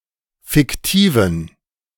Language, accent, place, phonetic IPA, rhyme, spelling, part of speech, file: German, Germany, Berlin, [fɪkˈtiːvn̩], -iːvn̩, fiktiven, adjective, De-fiktiven.ogg
- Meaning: inflection of fiktiv: 1. strong genitive masculine/neuter singular 2. weak/mixed genitive/dative all-gender singular 3. strong/weak/mixed accusative masculine singular 4. strong dative plural